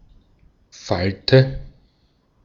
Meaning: 1. fold 2. wrinkle
- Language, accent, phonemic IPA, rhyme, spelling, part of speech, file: German, Austria, /ˈfaltə/, -altə, Falte, noun, De-at-Falte.ogg